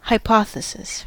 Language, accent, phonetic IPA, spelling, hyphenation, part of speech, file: English, US, [haɪˈpʰɑθəsɪs], hypothesis, hy‧po‧the‧sis, noun, En-us-hypothesis.ogg
- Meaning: A tentative conjecture explaining an observation, phenomenon or scientific problem and that can be tested by further observation, investigation, or experimentation